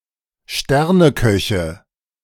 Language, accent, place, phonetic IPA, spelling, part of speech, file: German, Germany, Berlin, [ˈʃtɛʁnəˌkœçə], Sterneköche, noun, De-Sterneköche.ogg
- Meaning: nominative/accusative/genitive plural of Sternekoch